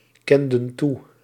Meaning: inflection of toekennen: 1. plural past indicative 2. plural past subjunctive
- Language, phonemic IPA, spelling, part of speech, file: Dutch, /ˈkɛndə(n) ˈtu/, kenden toe, verb, Nl-kenden toe.ogg